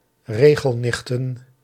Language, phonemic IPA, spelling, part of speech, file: Dutch, /ˈreɣəlˌnɪxtə(n)/, regelnichten, noun, Nl-regelnichten.ogg
- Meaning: plural of regelnicht